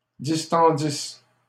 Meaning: third-person plural imperfect subjunctive of distendre
- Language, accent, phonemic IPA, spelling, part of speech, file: French, Canada, /dis.tɑ̃.dis/, distendissent, verb, LL-Q150 (fra)-distendissent.wav